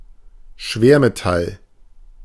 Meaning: heavy metal (metal)
- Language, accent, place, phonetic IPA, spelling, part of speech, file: German, Germany, Berlin, [ˈʃveːɐ̯meˌtal], Schwermetall, noun, De-Schwermetall.ogg